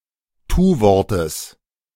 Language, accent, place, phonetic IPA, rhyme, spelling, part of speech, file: German, Germany, Berlin, [ˈtuːˌvɔʁtəs], -uːvɔʁtəs, Tuwortes, noun, De-Tuwortes.ogg
- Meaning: genitive singular of Tuwort